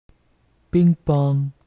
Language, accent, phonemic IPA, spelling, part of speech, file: French, Quebec, /piŋ.pɔŋ/, ping-pong, noun, Qc-ping-pong.ogg
- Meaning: ping pong; table tennis